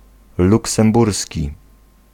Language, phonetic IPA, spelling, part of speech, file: Polish, [ˌluksɛ̃mˈbursʲci], luksemburski, adjective / noun, Pl-luksemburski.ogg